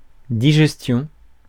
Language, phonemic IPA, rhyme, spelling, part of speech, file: French, /di.ʒɛs.tjɔ̃/, -ɔ̃, digestion, noun, Fr-digestion.ogg
- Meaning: digestion